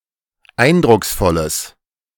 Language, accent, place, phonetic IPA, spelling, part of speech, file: German, Germany, Berlin, [ˈaɪ̯ndʁʊksˌfɔləs], eindrucksvolles, adjective, De-eindrucksvolles.ogg
- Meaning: strong/mixed nominative/accusative neuter singular of eindrucksvoll